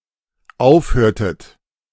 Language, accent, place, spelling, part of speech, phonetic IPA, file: German, Germany, Berlin, aufhörtet, verb, [ˈaʊ̯fˌhøːɐ̯tət], De-aufhörtet.ogg
- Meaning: inflection of aufhören: 1. second-person plural dependent preterite 2. second-person plural dependent subjunctive II